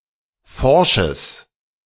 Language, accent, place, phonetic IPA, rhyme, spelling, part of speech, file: German, Germany, Berlin, [ˈfɔʁʃəs], -ɔʁʃəs, forsches, adjective, De-forsches.ogg
- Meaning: strong/mixed nominative/accusative neuter singular of forsch